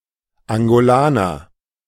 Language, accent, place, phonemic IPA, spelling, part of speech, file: German, Germany, Berlin, /aŋɡoˈlaːnɐ/, Angolaner, noun, De-Angolaner.ogg
- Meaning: Angolan (person from Angola or of Angolan descent)